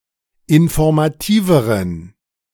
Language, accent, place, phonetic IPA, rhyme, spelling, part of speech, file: German, Germany, Berlin, [ɪnfɔʁmaˈtiːvəʁən], -iːvəʁən, informativeren, adjective, De-informativeren.ogg
- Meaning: inflection of informativ: 1. strong genitive masculine/neuter singular comparative degree 2. weak/mixed genitive/dative all-gender singular comparative degree